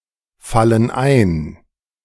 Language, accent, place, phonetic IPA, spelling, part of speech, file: German, Germany, Berlin, [ˌfalən ˈaɪ̯n], fallen ein, verb, De-fallen ein.ogg
- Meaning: inflection of einfallen: 1. first/third-person plural present 2. first/third-person plural subjunctive I